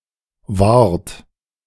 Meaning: inflection of wahren: 1. second-person plural present 2. third-person singular present 3. plural imperative
- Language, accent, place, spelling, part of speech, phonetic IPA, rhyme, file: German, Germany, Berlin, wahrt, verb, [vaːɐ̯t], -aːɐ̯t, De-wahrt.ogg